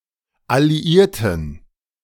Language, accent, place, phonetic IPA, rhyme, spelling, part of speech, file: German, Germany, Berlin, [aliˈiːɐ̯tn̩], -iːɐ̯tn̩, alliierten, adjective, De-alliierten.ogg
- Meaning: inflection of alliiert: 1. strong genitive masculine/neuter singular 2. weak/mixed genitive/dative all-gender singular 3. strong/weak/mixed accusative masculine singular 4. strong dative plural